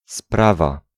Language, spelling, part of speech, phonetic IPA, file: Polish, sprawa, noun, [ˈsprava], Pl-sprawa.ogg